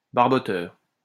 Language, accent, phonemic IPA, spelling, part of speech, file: French, France, /baʁ.bɔ.tœʁ/, barboteur, noun, LL-Q150 (fra)-barboteur.wav
- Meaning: 1. splasher 2. fermentation lock (masculine only) 3. dabbling duck